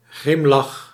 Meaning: 1. a scornful, grim, or bitter smirk 2. a wide smile
- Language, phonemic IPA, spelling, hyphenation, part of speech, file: Dutch, /ˈɣrɪm.lɑx/, grimlach, grim‧lach, noun, Nl-grimlach.ogg